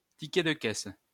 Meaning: cashier's receipt, till receipt
- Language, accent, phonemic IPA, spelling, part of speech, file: French, France, /ti.kɛ d(ə) kɛs/, ticket de caisse, noun, LL-Q150 (fra)-ticket de caisse.wav